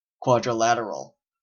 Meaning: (noun) 1. A polygon with four sides 2. An area defended by four fortresses supporting each other; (adjective) Having four sides
- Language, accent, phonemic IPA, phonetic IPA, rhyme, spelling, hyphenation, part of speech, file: English, Canada, /ˌkwɑdɹəˈlætəɹəl/, [ˌkʰw̥ɑd̠ɹ̠˔ʷɪ̈ˈlæɾəɹəɫ], -ætəɹəl, quadrilateral, quad‧ri‧lat‧er‧al, noun / adjective, En-ca-quadrilateral.oga